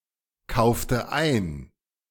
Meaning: inflection of einkaufen: 1. first/third-person singular preterite 2. first/third-person singular subjunctive II
- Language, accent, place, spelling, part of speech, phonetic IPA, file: German, Germany, Berlin, kaufte ein, verb, [ˌkaʊ̯ftə ˈaɪ̯n], De-kaufte ein.ogg